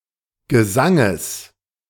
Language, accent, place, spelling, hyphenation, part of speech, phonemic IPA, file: German, Germany, Berlin, Gesanges, Ge‧san‧ges, noun, /ɡəˈzaŋəs/, De-Gesanges.ogg
- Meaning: genitive singular of Gesang